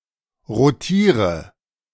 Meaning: inflection of rotieren: 1. first-person singular present 2. first/third-person singular subjunctive I 3. singular imperative
- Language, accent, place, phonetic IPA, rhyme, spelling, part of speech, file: German, Germany, Berlin, [ʁoˈtiːʁə], -iːʁə, rotiere, verb, De-rotiere.ogg